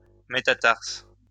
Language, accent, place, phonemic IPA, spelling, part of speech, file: French, France, Lyon, /me.ta.taʁs/, métatarse, noun, LL-Q150 (fra)-métatarse.wav
- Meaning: metatarsus